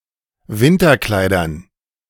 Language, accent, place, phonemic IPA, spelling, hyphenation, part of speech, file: German, Germany, Berlin, /ˈvɪntɐˌklaɪ̯dɐn/, Winterkleidern, Win‧ter‧klei‧dern, noun, De-Winterkleidern.ogg
- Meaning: dative plural of Winterkleid